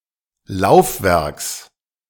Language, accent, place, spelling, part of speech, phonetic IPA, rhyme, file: German, Germany, Berlin, Laufwerks, noun, [ˈlaʊ̯fˌvɛʁks], -aʊ̯fvɛʁks, De-Laufwerks.ogg
- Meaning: genitive singular of Laufwerk